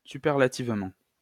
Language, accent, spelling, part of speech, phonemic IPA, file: French, France, superlativement, adverb, /sy.pɛʁ.la.tiv.mɑ̃/, LL-Q150 (fra)-superlativement.wav
- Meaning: superlatively